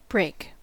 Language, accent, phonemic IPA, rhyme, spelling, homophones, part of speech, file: English, US, /bɹeɪk/, -eɪk, brake, break, noun / verb, En-us-brake.ogg